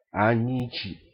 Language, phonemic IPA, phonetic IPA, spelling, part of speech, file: Ewe, /à.ɲĩ́.t͡sì/, [à.ɲĩ́.t͡ʃì], anyĩtsi, noun, Ee-anyĩtsi.ogg
- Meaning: alternative form of anyitsi (“honey”)